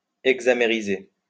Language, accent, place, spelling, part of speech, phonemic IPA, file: French, France, Lyon, hexamériser, verb, /ɛɡ.za.me.ʁi.ze/, LL-Q150 (fra)-hexamériser.wav
- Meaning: to hexamerize